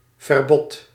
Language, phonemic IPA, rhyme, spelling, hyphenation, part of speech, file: Dutch, /vərˈbɔt/, -ɔt, verbod, ver‧bod, noun, Nl-verbod.ogg
- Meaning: 1. prohibition 2. ban